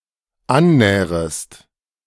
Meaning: second-person singular dependent subjunctive I of annähern
- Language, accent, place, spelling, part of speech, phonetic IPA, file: German, Germany, Berlin, annährest, verb, [ˈanˌnɛːʁəst], De-annährest.ogg